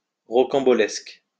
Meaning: fantastic, unusual, incredible, wacky
- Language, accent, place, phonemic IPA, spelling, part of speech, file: French, France, Lyon, /ʁɔ.kɑ̃.bɔ.lɛsk/, rocambolesque, adjective, LL-Q150 (fra)-rocambolesque.wav